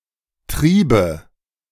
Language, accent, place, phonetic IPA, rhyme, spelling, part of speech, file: German, Germany, Berlin, [ˈtʁiːbə], -iːbə, Triebe, noun, De-Triebe.ogg
- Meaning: nominative/accusative/genitive plural of Trieb